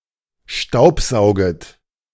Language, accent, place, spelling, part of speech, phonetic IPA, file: German, Germany, Berlin, staubsauget, verb, [ˈʃtaʊ̯pˌzaʊ̯ɡət], De-staubsauget.ogg
- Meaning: second-person plural subjunctive I of staubsaugen